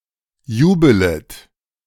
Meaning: second-person plural subjunctive I of jubeln
- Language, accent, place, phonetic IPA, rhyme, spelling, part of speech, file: German, Germany, Berlin, [ˈjuːbələt], -uːbələt, jubelet, verb, De-jubelet.ogg